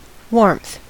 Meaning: 1. A moderate degree of heat; the sensation of being warm 2. Friendliness, kindness or affection 3. Fervor, intensity of emotion or expression 4. The effect of using mostly red and yellow hues
- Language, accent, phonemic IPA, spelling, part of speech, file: English, US, /wɔɹmθ/, warmth, noun, En-us-warmth.ogg